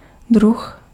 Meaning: 1. companion 2. species 3. a type of something
- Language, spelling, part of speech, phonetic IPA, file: Czech, druh, noun, [ˈdrux], Cs-druh.ogg